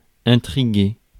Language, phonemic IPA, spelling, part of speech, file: French, /ɛ̃.tʁi.ɡe/, intriguer, verb, Fr-intriguer.ogg
- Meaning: 1. to puzzle; to make interested or curious 2. to scheme, to connive